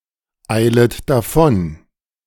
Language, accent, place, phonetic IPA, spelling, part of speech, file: German, Germany, Berlin, [ˌaɪ̯lət daˈfɔn], eilet davon, verb, De-eilet davon.ogg
- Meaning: second-person plural subjunctive I of davoneilen